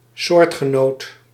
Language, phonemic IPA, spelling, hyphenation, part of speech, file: Dutch, /ˈsoːrt.xəˌnoːt/, soortgenoot, soort‧ge‧noot, noun, Nl-soortgenoot.ogg
- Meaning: 1. an organism belonging to the same species (in usage sometimes translatable as congener) 2. one's peer, equal, counterpart, member of the same group 3. an object of the same type or category